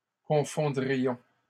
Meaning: first-person plural conditional of confondre
- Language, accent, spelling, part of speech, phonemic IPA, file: French, Canada, confondrions, verb, /kɔ̃.fɔ̃.dʁi.jɔ̃/, LL-Q150 (fra)-confondrions.wav